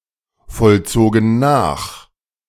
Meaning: first/third-person plural preterite of nachvollziehen
- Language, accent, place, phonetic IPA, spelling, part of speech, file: German, Germany, Berlin, [fɔlˌt͡soːɡn̩ ˈnaːx], vollzogen nach, verb, De-vollzogen nach.ogg